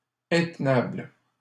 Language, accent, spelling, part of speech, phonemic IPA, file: French, Canada, intenable, adjective, /ɛ̃t.nabl/, LL-Q150 (fra)-intenable.wav
- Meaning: untenable, indefensible